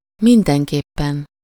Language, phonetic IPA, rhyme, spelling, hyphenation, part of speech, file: Hungarian, [ˈmindɛŋkeːpːɛn], -ɛn, mindenképpen, min‧den‧kép‧pen, adverb, Hu-mindenképpen.ogg